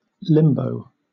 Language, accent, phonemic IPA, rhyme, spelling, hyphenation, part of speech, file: English, Southern England, /ˈlɪmbəʊ/, -ɪmbəʊ, limbo, lim‧bo, noun / verb, LL-Q1860 (eng)-limbo.wav